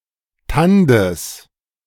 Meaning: genitive of Tand
- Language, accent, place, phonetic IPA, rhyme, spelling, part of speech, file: German, Germany, Berlin, [ˈtandəs], -andəs, Tandes, noun, De-Tandes.ogg